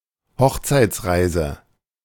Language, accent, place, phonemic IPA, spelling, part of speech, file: German, Germany, Berlin, /ˈhɔxt͡saɪ̯t͡sˌʁaɪ̯zə/, Hochzeitsreise, noun, De-Hochzeitsreise.ogg
- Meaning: honeymoon trip